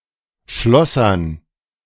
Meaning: to do the job of a metalworker or fitter
- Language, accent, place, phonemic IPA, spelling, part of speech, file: German, Germany, Berlin, /ˈʃlɔsɐn/, schlossern, verb, De-schlossern.ogg